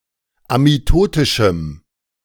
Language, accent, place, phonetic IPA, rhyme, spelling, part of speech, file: German, Germany, Berlin, [amiˈtoːtɪʃm̩], -oːtɪʃm̩, amitotischem, adjective, De-amitotischem.ogg
- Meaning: strong dative masculine/neuter singular of amitotisch